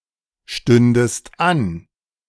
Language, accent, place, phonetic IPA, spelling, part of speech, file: German, Germany, Berlin, [ˌʃtʏndəst ˈan], stündest an, verb, De-stündest an.ogg
- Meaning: second-person singular subjunctive II of anstehen